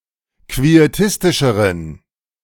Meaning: inflection of quietistisch: 1. strong genitive masculine/neuter singular comparative degree 2. weak/mixed genitive/dative all-gender singular comparative degree
- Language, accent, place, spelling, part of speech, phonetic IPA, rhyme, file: German, Germany, Berlin, quietistischeren, adjective, [kvieˈtɪstɪʃəʁən], -ɪstɪʃəʁən, De-quietistischeren.ogg